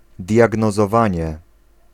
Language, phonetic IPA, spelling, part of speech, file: Polish, [ˌdʲjaɡnɔzɔˈvãɲɛ], diagnozowanie, noun, Pl-diagnozowanie.ogg